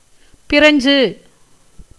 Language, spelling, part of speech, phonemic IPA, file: Tamil, பிரஞ்சு, adjective, /pɪɾɐɲdʒɯ/, Ta-பிரஞ்சு.ogg
- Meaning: French, of or pertaining to France